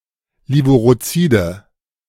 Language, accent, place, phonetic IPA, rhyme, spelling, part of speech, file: German, Germany, Berlin, [ˌleːvuʁoˈt͡siːdə], -iːdə, levurozide, adjective, De-levurozide.ogg
- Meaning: inflection of levurozid: 1. strong/mixed nominative/accusative feminine singular 2. strong nominative/accusative plural 3. weak nominative all-gender singular